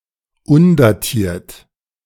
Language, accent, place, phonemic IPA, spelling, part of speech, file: German, Germany, Berlin, /ˈʊndaˌtiːɐ̯t/, undatiert, adjective, De-undatiert.ogg
- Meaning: undated